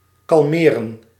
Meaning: 1. to become calm, to calm down 2. to cause to become calm, to calm down
- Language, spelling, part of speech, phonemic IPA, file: Dutch, kalmeren, verb, /kɑlˈmeː.rə(n)/, Nl-kalmeren.ogg